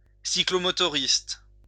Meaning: a mopedist
- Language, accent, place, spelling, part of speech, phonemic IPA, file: French, France, Lyon, cyclomotoriste, noun, /si.klɔ.mɔ.tɔ.ʁist/, LL-Q150 (fra)-cyclomotoriste.wav